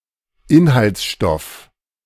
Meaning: ingredient
- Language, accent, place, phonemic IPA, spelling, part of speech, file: German, Germany, Berlin, /ˈɪnhalt͡sˌʃtɔf/, Inhaltsstoff, noun, De-Inhaltsstoff.ogg